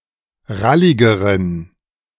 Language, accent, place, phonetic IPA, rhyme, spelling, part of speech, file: German, Germany, Berlin, [ˈʁalɪɡəʁən], -alɪɡəʁən, ralligeren, adjective, De-ralligeren.ogg
- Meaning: inflection of rallig: 1. strong genitive masculine/neuter singular comparative degree 2. weak/mixed genitive/dative all-gender singular comparative degree